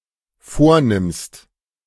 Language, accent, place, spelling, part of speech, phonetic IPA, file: German, Germany, Berlin, vornimmst, verb, [ˈfoːɐ̯ˌnɪmst], De-vornimmst.ogg
- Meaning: second-person singular dependent present of vornehmen